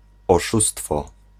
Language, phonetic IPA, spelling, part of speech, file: Polish, [ɔˈʃustfɔ], oszustwo, noun, Pl-oszustwo.ogg